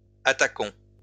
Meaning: inflection of attaquer: 1. first-person plural present indicative 2. first-person plural imperative
- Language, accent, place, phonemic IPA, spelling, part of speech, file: French, France, Lyon, /a.ta.kɔ̃/, attaquons, verb, LL-Q150 (fra)-attaquons.wav